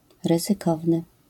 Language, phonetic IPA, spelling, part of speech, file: Polish, [ˌrɨzɨˈkɔvnɨ], ryzykowny, adjective, LL-Q809 (pol)-ryzykowny.wav